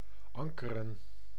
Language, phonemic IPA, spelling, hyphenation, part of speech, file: Dutch, /ˈɑŋkərə(n)/, ankeren, an‧ke‧ren, verb, Nl-ankeren.ogg
- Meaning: to anchor